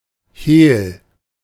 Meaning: secret
- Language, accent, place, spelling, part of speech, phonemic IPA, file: German, Germany, Berlin, Hehl, noun, /heːl/, De-Hehl.ogg